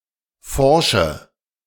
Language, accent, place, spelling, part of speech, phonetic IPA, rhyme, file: German, Germany, Berlin, forsche, adjective / verb, [ˈfɔʁʃə], -ɔʁʃə, De-forsche.ogg
- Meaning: inflection of forsch: 1. strong/mixed nominative/accusative feminine singular 2. strong nominative/accusative plural 3. weak nominative all-gender singular 4. weak accusative feminine/neuter singular